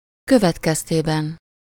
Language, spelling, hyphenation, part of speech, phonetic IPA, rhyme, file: Hungarian, következtében, kö‧vet‧kez‧té‧ben, postposition, [ˈkøvɛtkɛsteːbɛn], -ɛn, Hu-következtében.ogg
- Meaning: in consequence of, as a consequence of, as a result of, resulting from, due to, in response to, because of (with -nak/-nek)